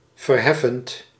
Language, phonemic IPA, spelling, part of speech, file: Dutch, /vərˈhɛfənt/, verheffend, verb / adjective, Nl-verheffend.ogg
- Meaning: present participle of verheffen